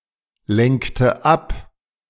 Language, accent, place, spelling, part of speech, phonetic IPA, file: German, Germany, Berlin, lenkte ab, verb, [ˌlɛŋktə ˈap], De-lenkte ab.ogg
- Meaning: inflection of ablenken: 1. first/third-person singular preterite 2. first/third-person singular subjunctive II